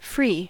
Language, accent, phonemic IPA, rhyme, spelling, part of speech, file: English, General American, /fɹi/, -iː, free, adjective / adverb / verb / noun / numeral, En-us-free.ogg
- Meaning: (adjective) 1. Unconstrained 2. Unconstrained.: Not imprisoned or enslaved 3. Unconstrained.: Generous; liberal 4. Unconstrained.: Clear of offence or crime; guiltless; innocent